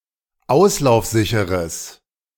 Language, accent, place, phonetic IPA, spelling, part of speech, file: German, Germany, Berlin, [ˈaʊ̯slaʊ̯fˌzɪçəʁəs], auslaufsicheres, adjective, De-auslaufsicheres.ogg
- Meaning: strong/mixed nominative/accusative neuter singular of auslaufsicher